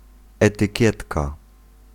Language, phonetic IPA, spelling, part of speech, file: Polish, [ˌɛtɨˈcɛtka], etykietka, noun, Pl-etykietka.ogg